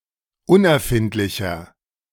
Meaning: inflection of unerfindlich: 1. strong/mixed nominative masculine singular 2. strong genitive/dative feminine singular 3. strong genitive plural
- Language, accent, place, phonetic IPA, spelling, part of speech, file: German, Germany, Berlin, [ˈʊnʔɛɐ̯ˌfɪntlɪçɐ], unerfindlicher, adjective, De-unerfindlicher.ogg